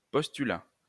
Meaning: postulate
- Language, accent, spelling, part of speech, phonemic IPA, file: French, France, postulat, noun, /pɔs.ty.la/, LL-Q150 (fra)-postulat.wav